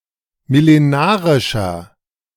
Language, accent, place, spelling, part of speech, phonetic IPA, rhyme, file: German, Germany, Berlin, millenarischer, adjective, [mɪleˈnaːʁɪʃɐ], -aːʁɪʃɐ, De-millenarischer.ogg
- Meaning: inflection of millenarisch: 1. strong/mixed nominative masculine singular 2. strong genitive/dative feminine singular 3. strong genitive plural